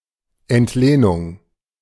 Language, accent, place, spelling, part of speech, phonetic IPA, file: German, Germany, Berlin, Entlehnung, noun, [ɛntˈleːnʊŋ], De-Entlehnung.ogg
- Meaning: borrowing